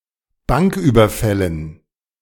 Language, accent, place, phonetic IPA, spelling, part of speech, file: German, Germany, Berlin, [ˈbaŋkˌʔyːbɐfɛlən], Banküberfällen, noun, De-Banküberfällen.ogg
- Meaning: dative plural of Banküberfall